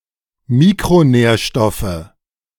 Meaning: nominative/accusative/genitive plural of Mikronährstoff
- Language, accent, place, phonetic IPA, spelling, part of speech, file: German, Germany, Berlin, [ˈmiːkʁoˌnɛːɐ̯ʃtɔfə], Mikronährstoffe, noun, De-Mikronährstoffe.ogg